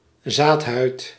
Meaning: tegument, seed coat (that which surrounds the endosperm)
- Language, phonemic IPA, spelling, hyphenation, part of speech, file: Dutch, /ˈzaːt.ɦœy̯t/, zaadhuid, zaad‧huid, noun, Nl-zaadhuid.ogg